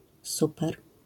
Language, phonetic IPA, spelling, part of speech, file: Polish, [ˈsupɛr], super, adjective / adverb / interjection, LL-Q809 (pol)-super.wav